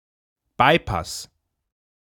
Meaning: bypass
- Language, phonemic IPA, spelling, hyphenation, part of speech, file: German, /ˈbaɪ̯ˌpas/, Bypass, By‧pass, noun, De-Bypass.ogg